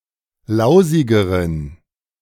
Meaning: inflection of lausig: 1. strong genitive masculine/neuter singular comparative degree 2. weak/mixed genitive/dative all-gender singular comparative degree
- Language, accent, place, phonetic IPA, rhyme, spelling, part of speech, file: German, Germany, Berlin, [ˈlaʊ̯zɪɡəʁən], -aʊ̯zɪɡəʁən, lausigeren, adjective, De-lausigeren.ogg